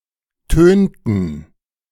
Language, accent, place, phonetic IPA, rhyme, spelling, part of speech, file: German, Germany, Berlin, [ˈtøːntn̩], -øːntn̩, tönten, verb, De-tönten.ogg
- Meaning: inflection of tönen: 1. first/third-person plural preterite 2. first/third-person plural subjunctive II